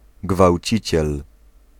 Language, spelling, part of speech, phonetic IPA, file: Polish, gwałciciel, noun, [ɡvawʲˈt͡ɕit͡ɕɛl], Pl-gwałciciel.ogg